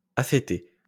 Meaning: affected, stilted
- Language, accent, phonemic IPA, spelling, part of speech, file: French, France, /a.fe.te/, affété, adjective, LL-Q150 (fra)-affété.wav